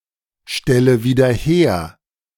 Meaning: inflection of wiederherstellen: 1. first-person singular present 2. first/third-person singular subjunctive I 3. singular imperative
- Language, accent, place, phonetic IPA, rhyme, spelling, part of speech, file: German, Germany, Berlin, [ˌʃtɛlə viːdɐ ˈheːɐ̯], -eːɐ̯, stelle wieder her, verb, De-stelle wieder her.ogg